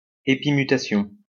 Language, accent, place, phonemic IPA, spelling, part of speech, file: French, France, Lyon, /e.pi.my.ta.sjɔ̃/, épimutation, noun, LL-Q150 (fra)-épimutation.wav
- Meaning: epimutation